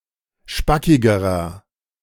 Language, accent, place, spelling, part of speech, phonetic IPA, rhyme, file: German, Germany, Berlin, spackigerer, adjective, [ˈʃpakɪɡəʁɐ], -akɪɡəʁɐ, De-spackigerer.ogg
- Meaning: inflection of spackig: 1. strong/mixed nominative masculine singular comparative degree 2. strong genitive/dative feminine singular comparative degree 3. strong genitive plural comparative degree